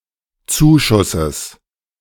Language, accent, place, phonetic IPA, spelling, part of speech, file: German, Germany, Berlin, [ˈt͡suːˌʃʊsəs], Zuschusses, noun, De-Zuschusses.ogg
- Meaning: genitive singular of Zuschuss